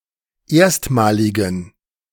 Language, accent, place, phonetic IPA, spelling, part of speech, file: German, Germany, Berlin, [ˈeːɐ̯stmaːlɪɡn̩], erstmaligen, adjective, De-erstmaligen.ogg
- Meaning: inflection of erstmalig: 1. strong genitive masculine/neuter singular 2. weak/mixed genitive/dative all-gender singular 3. strong/weak/mixed accusative masculine singular 4. strong dative plural